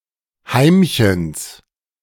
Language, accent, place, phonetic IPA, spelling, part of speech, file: German, Germany, Berlin, [ˈhaɪ̯mçəns], Heimchens, noun, De-Heimchens.ogg
- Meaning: genitive of Heimchen